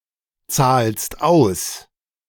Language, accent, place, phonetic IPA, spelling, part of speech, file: German, Germany, Berlin, [ˌt͡saːlst ˈaʊ̯s], zahlst aus, verb, De-zahlst aus.ogg
- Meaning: second-person singular present of auszahlen